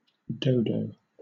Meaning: A large, flightless bird, †Raphus cucullatus, related to the pigeon, that is now extinct (since the 1600s) and was native to Mauritius
- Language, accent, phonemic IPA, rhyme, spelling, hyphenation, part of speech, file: English, Southern England, /ˈdəʊdəʊ/, -əʊdəʊ, dodo, do‧do, noun, LL-Q1860 (eng)-dodo.wav